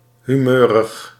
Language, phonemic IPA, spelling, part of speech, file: Dutch, /hyˈmørəx/, humeurig, adjective, Nl-humeurig.ogg
- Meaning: 1. moody, temperamental, fickle 2. in a bad mood